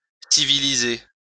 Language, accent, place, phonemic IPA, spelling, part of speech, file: French, France, Lyon, /si.vi.li.ze/, civiliser, verb, LL-Q150 (fra)-civiliser.wav
- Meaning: to civilize